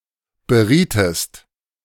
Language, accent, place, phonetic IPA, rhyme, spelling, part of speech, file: German, Germany, Berlin, [bəˈʁiːtəst], -iːtəst, berietest, verb, De-berietest.ogg
- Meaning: inflection of beraten: 1. second-person singular preterite 2. second-person singular subjunctive II